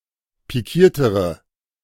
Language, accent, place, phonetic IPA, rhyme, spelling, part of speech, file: German, Germany, Berlin, [piˈkiːɐ̯təʁə], -iːɐ̯təʁə, pikiertere, adjective, De-pikiertere.ogg
- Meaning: inflection of pikiert: 1. strong/mixed nominative/accusative feminine singular comparative degree 2. strong nominative/accusative plural comparative degree